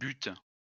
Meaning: inflection of buter: 1. first/third-person singular present indicative/subjunctive 2. second-person singular imperative
- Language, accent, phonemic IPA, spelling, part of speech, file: French, France, /byt/, bute, verb, LL-Q150 (fra)-bute.wav